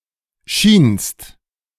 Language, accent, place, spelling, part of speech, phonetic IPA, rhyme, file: German, Germany, Berlin, schienst, verb, [ʃiːnst], -iːnst, De-schienst.ogg
- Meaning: second-person singular preterite of scheinen